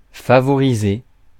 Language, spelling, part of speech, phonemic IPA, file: French, favoriser, verb, /fa.vɔ.ʁi.ze/, Fr-favoriser.ogg
- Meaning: 1. to favour, to show a preference to something 2. to prioritise 3. to promote, encourage, foster